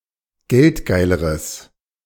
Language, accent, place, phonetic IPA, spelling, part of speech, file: German, Germany, Berlin, [ˈɡɛltˌɡaɪ̯ləʁəs], geldgeileres, adjective, De-geldgeileres.ogg
- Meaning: strong/mixed nominative/accusative neuter singular comparative degree of geldgeil